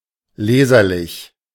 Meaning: legible (being clear enough to be read, readable, particularly for handwriting)
- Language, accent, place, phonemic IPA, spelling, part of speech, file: German, Germany, Berlin, /ˈleːzɐˌlɪç/, leserlich, adjective, De-leserlich.ogg